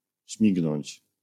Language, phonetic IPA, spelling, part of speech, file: Polish, [ˈɕmʲiɡnɔ̃ɲt͡ɕ], śmignąć, verb, LL-Q809 (pol)-śmignąć.wav